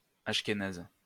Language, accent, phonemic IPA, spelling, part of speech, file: French, France, /aʃ.ke.naz/, achkénaze, adjective, LL-Q150 (fra)-achkénaze.wav
- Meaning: alternative form of ashkénaze